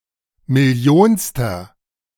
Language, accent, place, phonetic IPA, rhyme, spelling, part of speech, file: German, Germany, Berlin, [mɪˈli̯oːnstɐ], -oːnstɐ, millionster, adjective, De-millionster.ogg
- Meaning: inflection of millionste: 1. strong/mixed nominative masculine singular 2. strong genitive/dative feminine singular 3. strong genitive plural